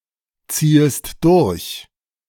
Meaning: second-person singular subjunctive I of durchziehen
- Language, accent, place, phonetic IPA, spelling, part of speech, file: German, Germany, Berlin, [ˌt͡siːəst ˈdʊʁç], ziehest durch, verb, De-ziehest durch.ogg